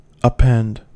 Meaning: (verb) 1. To hang or attach to, as by a string, so that the thing is suspended 2. To add, as an accessory to the principal thing; to annex
- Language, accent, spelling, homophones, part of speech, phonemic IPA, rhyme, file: English, US, append, upend, verb / noun, /ʌˈpɛnd/, -ɛnd, En-us-append.ogg